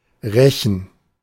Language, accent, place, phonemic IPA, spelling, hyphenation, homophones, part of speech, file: German, Germany, Berlin, /ˈʁɛçən/, Rechen, Re‧chen, rächen, noun, De-Rechen.ogg
- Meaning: 1. rake 2. gerund of rechen: "raking"